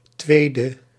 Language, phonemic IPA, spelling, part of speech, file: Dutch, /ˈtwedə/, 2e, adjective, Nl-2e.ogg
- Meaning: abbreviation of tweede (“second”); 2nd